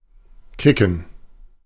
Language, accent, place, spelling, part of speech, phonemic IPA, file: German, Germany, Berlin, kicken, verb, /ˈkɪkən/, De-kicken.ogg
- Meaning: 1. to kick (strike with one’s foot; usually in the context of sports) 2. to play football (soccer) 3. to kick (remove someone from an online activity) 4. to kick in (begin to happen)